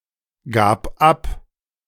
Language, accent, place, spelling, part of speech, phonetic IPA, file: German, Germany, Berlin, gab ab, verb, [ˌɡaːp ˈap], De-gab ab.ogg
- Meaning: first/third-person singular preterite of abgeben